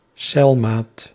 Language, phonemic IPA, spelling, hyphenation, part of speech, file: Dutch, /ˈsɛl.maːt/, celmaat, cel‧maat, noun, Nl-celmaat.ogg
- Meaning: cell mate